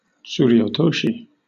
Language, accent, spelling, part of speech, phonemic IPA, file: English, Southern England, tsuriotoshi, noun, /ˌ(t)suːɹioʊˈtoʊʃi/, LL-Q1860 (eng)-tsuriotoshi.wav
- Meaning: A kimarite in which the attacker grips his opponent's mawashi, lifts him, and swings him sideways and down. A lifting bodyslam